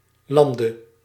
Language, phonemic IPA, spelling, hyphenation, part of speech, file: Dutch, /ˈlɑn.də/, lande, lan‧de, verb / noun, Nl-lande.ogg
- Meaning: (verb) singular present subjunctive of landen; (noun) dative singular of land